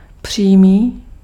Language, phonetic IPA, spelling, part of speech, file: Czech, [ˈpr̝̊iːmiː], přímý, adjective, Cs-přímý.ogg
- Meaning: 1. straight (not crooked or bent) 2. direct